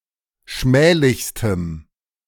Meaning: strong dative masculine/neuter singular superlative degree of schmählich
- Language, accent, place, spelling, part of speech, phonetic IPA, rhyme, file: German, Germany, Berlin, schmählichstem, adjective, [ˈʃmɛːlɪçstəm], -ɛːlɪçstəm, De-schmählichstem.ogg